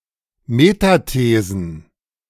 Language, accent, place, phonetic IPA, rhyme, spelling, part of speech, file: German, Germany, Berlin, [metaˈteːzn̩], -eːzn̩, Metathesen, noun, De-Metathesen.ogg
- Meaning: plural of Metathese